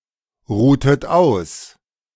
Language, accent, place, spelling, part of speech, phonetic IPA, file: German, Germany, Berlin, ruhtet aus, verb, [ˌʁuːtət ˈaʊ̯s], De-ruhtet aus.ogg
- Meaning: inflection of ausruhen: 1. second-person plural preterite 2. second-person plural subjunctive II